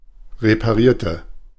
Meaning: inflection of reparieren: 1. first/third-person singular preterite 2. first/third-person singular subjunctive II
- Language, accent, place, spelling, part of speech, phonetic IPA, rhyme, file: German, Germany, Berlin, reparierte, adjective / verb, [ʁepaˈʁiːɐ̯tə], -iːɐ̯tə, De-reparierte.ogg